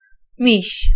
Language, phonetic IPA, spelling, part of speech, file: Polish, [mʲiɕ], miś, noun, Pl-miś.ogg